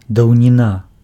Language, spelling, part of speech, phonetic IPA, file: Belarusian, даўніна, noun, [dau̯nʲiˈna], Be-даўніна.ogg
- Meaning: olden times, antiquity